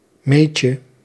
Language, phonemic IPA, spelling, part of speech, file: Dutch, /ˈmecə/, meetje, noun, Nl-meetje.ogg
- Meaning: diminutive of meet